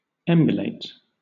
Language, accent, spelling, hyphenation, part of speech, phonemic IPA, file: English, Southern England, emulate, em‧u‧late, verb / adjective, /ˈɛm.jʊ.leɪt/, LL-Q1860 (eng)-emulate.wav
- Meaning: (verb) 1. To attempt to equal or be the same as 2. To copy or imitate, especially a person 3. To feel a rivalry with; to be jealous of, to envy